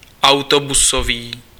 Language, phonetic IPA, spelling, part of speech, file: Czech, [ˈau̯tobusoviː], autobusový, adjective, Cs-autobusový.ogg
- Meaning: bus